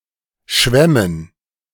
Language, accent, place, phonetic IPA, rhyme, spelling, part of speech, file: German, Germany, Berlin, [ˈʃvɛmən], -ɛmən, Schwämmen, noun, De-Schwämmen.ogg
- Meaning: dative plural of Schwamm